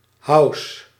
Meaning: house music, house (a genre of music)
- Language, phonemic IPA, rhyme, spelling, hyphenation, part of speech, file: Dutch, /ɦɑu̯s/, -ɑu̯s, house, house, noun, Nl-house.ogg